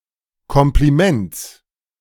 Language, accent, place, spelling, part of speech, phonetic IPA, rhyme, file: German, Germany, Berlin, Kompliments, noun, [ˌkɔmpliˈmɛnt͡s], -ɛnt͡s, De-Kompliments.ogg
- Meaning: genitive singular of Kompliment